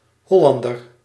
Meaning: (noun) 1. Hollander, person from Holland (e.g. North Holland or South Holland) or of Hollandic descent 2. Dutchman (person from the Netherlands) 3. a hamlet in Leudal, Limburg, Netherlands
- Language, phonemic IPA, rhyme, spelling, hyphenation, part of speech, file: Dutch, /ˈɦɔˌlɑn.dər/, -ɑndər, Hollander, Hol‧lan‧der, noun / adjective, Nl-Hollander.ogg